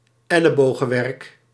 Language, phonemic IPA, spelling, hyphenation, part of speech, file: Dutch, /ˈɛ.lə.boː.ɣə(n)ˌʋɛrk/, ellebogenwerk, el‧le‧bo‧gen‧werk, noun, Nl-ellebogenwerk.ogg
- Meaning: ruthless competition; fierce, unfriendly rivalry